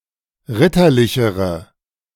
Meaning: inflection of ritterlich: 1. strong/mixed nominative/accusative feminine singular comparative degree 2. strong nominative/accusative plural comparative degree
- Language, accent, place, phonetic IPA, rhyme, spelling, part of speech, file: German, Germany, Berlin, [ˈʁɪtɐˌlɪçəʁə], -ɪtɐlɪçəʁə, ritterlichere, adjective, De-ritterlichere.ogg